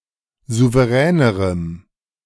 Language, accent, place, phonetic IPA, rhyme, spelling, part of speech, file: German, Germany, Berlin, [ˌzuvəˈʁɛːnəʁəm], -ɛːnəʁəm, souveränerem, adjective, De-souveränerem.ogg
- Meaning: strong dative masculine/neuter singular comparative degree of souverän